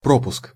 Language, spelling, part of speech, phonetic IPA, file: Russian, пропуск, noun, [ˈpropʊsk], Ru-пропуск.ogg
- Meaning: 1. entry permit, pass 2. omission 3. gap, blank